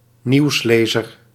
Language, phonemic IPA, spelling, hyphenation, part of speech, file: Dutch, /ˈniu̯sˌleː.zər/, nieuwslezer, nieuws‧le‧zer, noun, Nl-nieuwslezer.ogg
- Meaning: a newsreader, a news anchor, a newscaster